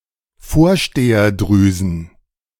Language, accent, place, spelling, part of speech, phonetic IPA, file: German, Germany, Berlin, Vorsteherdrüsen, noun, [ˈfoːɐ̯ʃteːɐˌdʁyːzn̩], De-Vorsteherdrüsen.ogg
- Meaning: plural of Vorsteherdrüse